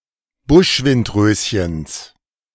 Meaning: genitive singular of Buschwindröschen
- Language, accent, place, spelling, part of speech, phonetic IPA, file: German, Germany, Berlin, Buschwindröschens, noun, [ˈbʊʃvɪntˌʁøːsçəns], De-Buschwindröschens.ogg